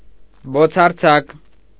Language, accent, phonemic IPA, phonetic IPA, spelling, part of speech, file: Armenian, Eastern Armenian, /bot͡sʰɑɾˈt͡sʰɑk/, [bot͡sʰɑɾt͡sʰɑ́k], բոցարձակ, adjective, Hy-բոցարձակ.ogg
- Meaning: emitting flames, blazing